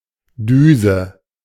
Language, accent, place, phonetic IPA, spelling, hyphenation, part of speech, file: German, Germany, Berlin, [ˈdyːzə], Düse, Dü‧se, noun, De-Düse.ogg
- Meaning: nozzle